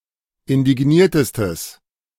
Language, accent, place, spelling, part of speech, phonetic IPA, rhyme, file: German, Germany, Berlin, indigniertestes, adjective, [ɪndɪˈɡniːɐ̯təstəs], -iːɐ̯təstəs, De-indigniertestes.ogg
- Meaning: strong/mixed nominative/accusative neuter singular superlative degree of indigniert